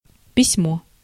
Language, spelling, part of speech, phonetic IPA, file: Russian, письмо, noun, [pʲɪsʲˈmo], Ru-письмо.ogg
- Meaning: 1. letter (written communication) 2. writing (action) 3. writing system, script